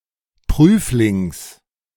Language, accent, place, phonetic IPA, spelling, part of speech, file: German, Germany, Berlin, [ˈpʁyːflɪŋs], Prüflings, noun, De-Prüflings.ogg
- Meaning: genitive singular of Prüfling